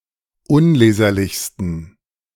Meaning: 1. superlative degree of unleserlich 2. inflection of unleserlich: strong genitive masculine/neuter singular superlative degree
- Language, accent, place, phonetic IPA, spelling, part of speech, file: German, Germany, Berlin, [ˈʊnˌleːzɐlɪçstn̩], unleserlichsten, adjective, De-unleserlichsten.ogg